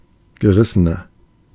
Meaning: 1. comparative degree of gerissen 2. inflection of gerissen: strong/mixed nominative masculine singular 3. inflection of gerissen: strong genitive/dative feminine singular
- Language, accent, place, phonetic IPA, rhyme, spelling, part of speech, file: German, Germany, Berlin, [ɡəˈʁɪsənɐ], -ɪsənɐ, gerissener, adjective, De-gerissener.ogg